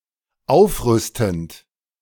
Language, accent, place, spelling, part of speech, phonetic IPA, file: German, Germany, Berlin, aufrüstend, verb, [ˈaʊ̯fˌʁʏstn̩t], De-aufrüstend.ogg
- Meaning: present participle of aufrüsten